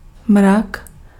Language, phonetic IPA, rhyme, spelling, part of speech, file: Czech, [ˈmrak], -ak, mrak, noun, Cs-mrak.ogg
- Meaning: cloud